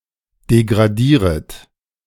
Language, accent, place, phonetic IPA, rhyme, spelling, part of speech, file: German, Germany, Berlin, [deɡʁaˈdiːʁət], -iːʁət, degradieret, verb, De-degradieret.ogg
- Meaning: second-person plural subjunctive I of degradieren